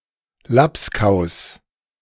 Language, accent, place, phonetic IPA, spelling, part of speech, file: German, Germany, Berlin, [ˈlaps.kaʊ̯s], Labskaus, noun, De-Labskaus.ogg
- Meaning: labskaus (a seaman's dish of Northern Germany, prepared from salted meat or corned beef, fish, potatoes and various other ingredients)